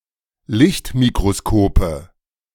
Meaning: nominative/accusative/genitive plural of Lichtmikroskop
- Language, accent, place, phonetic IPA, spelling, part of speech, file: German, Germany, Berlin, [ˈlɪçtmikʁoˌskoːpə], Lichtmikroskope, noun, De-Lichtmikroskope.ogg